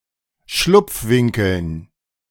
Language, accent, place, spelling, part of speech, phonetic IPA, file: German, Germany, Berlin, Schlupfwinkeln, noun, [ˈʃlʊp͡fˌvɪŋkl̩n], De-Schlupfwinkeln.ogg
- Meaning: dative plural of Schlupfwinkel